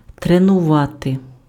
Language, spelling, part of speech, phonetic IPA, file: Ukrainian, тренувати, verb, [trenʊˈʋate], Uk-тренувати.ogg
- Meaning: to train